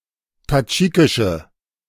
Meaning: inflection of tadschikisch: 1. strong/mixed nominative/accusative feminine singular 2. strong nominative/accusative plural 3. weak nominative all-gender singular
- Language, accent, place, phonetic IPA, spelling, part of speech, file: German, Germany, Berlin, [taˈd͡ʒiːkɪʃə], tadschikische, adjective, De-tadschikische.ogg